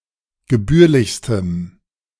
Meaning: strong dative masculine/neuter singular superlative degree of gebührlich
- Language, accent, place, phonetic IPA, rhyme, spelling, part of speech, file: German, Germany, Berlin, [ɡəˈbyːɐ̯lɪçstəm], -yːɐ̯lɪçstəm, gebührlichstem, adjective, De-gebührlichstem.ogg